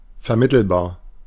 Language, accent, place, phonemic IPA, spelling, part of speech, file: German, Germany, Berlin, /fɛɐ̯ˈmɪtl̩baːɐ̯/, vermittelbar, adjective, De-vermittelbar.ogg
- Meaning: 1. mediatable 2. communicable, relatable